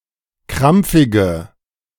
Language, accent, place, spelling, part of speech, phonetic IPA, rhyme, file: German, Germany, Berlin, krampfige, adjective, [ˈkʁamp͡fɪɡə], -amp͡fɪɡə, De-krampfige.ogg
- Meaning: inflection of krampfig: 1. strong/mixed nominative/accusative feminine singular 2. strong nominative/accusative plural 3. weak nominative all-gender singular